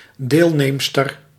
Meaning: female participant
- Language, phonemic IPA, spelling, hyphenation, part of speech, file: Dutch, /ˈdeːlˌneːm.stər/, deelneemster, deel‧neem‧ster, noun, Nl-deelneemster.ogg